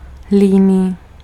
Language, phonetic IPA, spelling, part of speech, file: Czech, [ˈliːniː], líný, adjective, Cs-líný.ogg
- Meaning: lazy